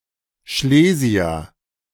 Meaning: Silesian
- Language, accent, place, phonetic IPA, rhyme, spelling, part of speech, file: German, Germany, Berlin, [ˈʃleːzi̯ɐ], -eːzi̯ɐ, Schlesier, noun, De-Schlesier.ogg